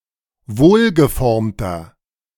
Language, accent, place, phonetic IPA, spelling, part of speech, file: German, Germany, Berlin, [ˈvoːlɡəˌfɔʁmtɐ], wohlgeformter, adjective, De-wohlgeformter.ogg
- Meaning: 1. comparative degree of wohlgeformt 2. inflection of wohlgeformt: strong/mixed nominative masculine singular 3. inflection of wohlgeformt: strong genitive/dative feminine singular